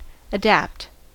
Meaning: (verb) 1. To make suitable; to make to correspond; to fit or suit 2. To fit by alteration; to modify or remodel for a different purpose; to adjust
- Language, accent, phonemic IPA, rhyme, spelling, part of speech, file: English, US, /əˈdæpt/, -æpt, adapt, verb / adjective, En-us-adapt.ogg